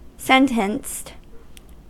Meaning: simple past and past participle of sentence
- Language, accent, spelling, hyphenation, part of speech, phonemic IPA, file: English, US, sentenced, sen‧tenced, verb, /ˈsɛntənst/, En-us-sentenced.ogg